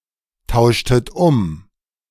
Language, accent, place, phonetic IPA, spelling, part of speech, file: German, Germany, Berlin, [ˌtaʊ̯ʃtət ˈʊm], tauschtet um, verb, De-tauschtet um.ogg
- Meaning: inflection of umtauschen: 1. second-person plural preterite 2. second-person plural subjunctive II